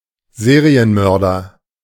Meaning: serial killer
- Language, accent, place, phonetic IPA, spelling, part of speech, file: German, Germany, Berlin, [ˈzeːʁiənˌmœʁdɐ], Serienmörder, noun, De-Serienmörder.ogg